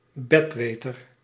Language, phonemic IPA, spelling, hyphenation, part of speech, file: Dutch, /ˈbɛtˌʋeː.tər/, betweter, bet‧we‧ter, noun, Nl-betweter.ogg
- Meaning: know-it-all